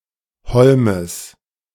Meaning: genitive singular of Holm
- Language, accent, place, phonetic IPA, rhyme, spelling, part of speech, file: German, Germany, Berlin, [ˈhɔlməs], -ɔlməs, Holmes, noun, De-Holmes.ogg